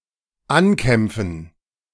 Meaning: to battle
- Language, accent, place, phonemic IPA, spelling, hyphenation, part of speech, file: German, Germany, Berlin, /ˈanˌkɛmp͡fn̩/, ankämpfen, an‧kämp‧fen, verb, De-ankämpfen.ogg